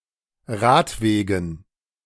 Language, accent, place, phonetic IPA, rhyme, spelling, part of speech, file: German, Germany, Berlin, [ˈʁaːtˌveːɡn̩], -aːtveːɡn̩, Radwegen, noun, De-Radwegen.ogg
- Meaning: dative plural of Radweg